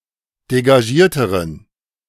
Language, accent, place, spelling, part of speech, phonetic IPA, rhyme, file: German, Germany, Berlin, degagierteren, adjective, [deɡaˈʒiːɐ̯təʁən], -iːɐ̯təʁən, De-degagierteren.ogg
- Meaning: inflection of degagiert: 1. strong genitive masculine/neuter singular comparative degree 2. weak/mixed genitive/dative all-gender singular comparative degree